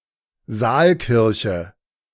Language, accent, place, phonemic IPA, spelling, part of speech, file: German, Germany, Berlin, /ˈzaːlˌkɪʁçə/, Saalkirche, noun, De-Saalkirche.ogg
- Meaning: aisleless church, single-nave church which consists of a single room which is not divided into aisles by columns